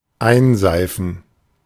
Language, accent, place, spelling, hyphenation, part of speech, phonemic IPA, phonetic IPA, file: German, Germany, Berlin, einseifen, ein‧sei‧fen, verb, /ˈaɪ̯nˌzaɪ̯fən/, [ˈʔaɪ̯nˌzaɪ̯fn̩], De-einseifen.ogg
- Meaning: 1. to soap 2. to rub snow on someone's face